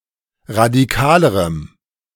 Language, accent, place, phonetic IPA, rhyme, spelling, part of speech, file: German, Germany, Berlin, [ʁadiˈkaːləʁəm], -aːləʁəm, radikalerem, adjective, De-radikalerem.ogg
- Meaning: strong dative masculine/neuter singular comparative degree of radikal